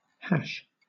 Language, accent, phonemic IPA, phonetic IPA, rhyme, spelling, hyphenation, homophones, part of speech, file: English, Southern England, /ˈhæʃ/, [ˈhæʃ], -æʃ, hash, hash, Hash, noun / verb, LL-Q1860 (eng)-hash.wav
- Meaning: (noun) 1. Food, especially meat and potatoes, chopped and mixed together 2. A confused mess 3. The # symbol (octothorpe, pound) 4. The result generated by a hash function